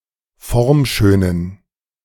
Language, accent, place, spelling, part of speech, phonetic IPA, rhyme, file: German, Germany, Berlin, formschönen, adjective, [ˈfɔʁmˌʃøːnən], -ɔʁmʃøːnən, De-formschönen.ogg
- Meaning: inflection of formschön: 1. strong genitive masculine/neuter singular 2. weak/mixed genitive/dative all-gender singular 3. strong/weak/mixed accusative masculine singular 4. strong dative plural